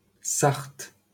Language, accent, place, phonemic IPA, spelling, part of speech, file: French, France, Paris, /saʁt/, Sarthe, proper noun, LL-Q150 (fra)-Sarthe.wav
- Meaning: 1. Sarthe (a department of Pays de la Loire, France) 2. Sarthe (a right tributary of the Loire in northwestern France, flowing through the departments of Orne, Sarthe and Maine-et-Loire)